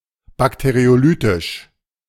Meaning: bacteriolytic
- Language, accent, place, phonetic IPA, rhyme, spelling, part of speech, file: German, Germany, Berlin, [ˌbakteʁioˈlyːtɪʃ], -yːtɪʃ, bakteriolytisch, adjective, De-bakteriolytisch.ogg